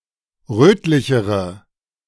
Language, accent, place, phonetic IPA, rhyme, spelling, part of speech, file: German, Germany, Berlin, [ˈʁøːtlɪçəʁə], -øːtlɪçəʁə, rötlichere, adjective, De-rötlichere.ogg
- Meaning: inflection of rötlich: 1. strong/mixed nominative/accusative feminine singular comparative degree 2. strong nominative/accusative plural comparative degree